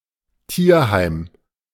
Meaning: animal shelter, dog pound (US), rescue dog (UK)
- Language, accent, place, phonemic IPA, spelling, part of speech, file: German, Germany, Berlin, /ˈtiːɐ̯ˌhaɪ̯m/, Tierheim, noun, De-Tierheim.ogg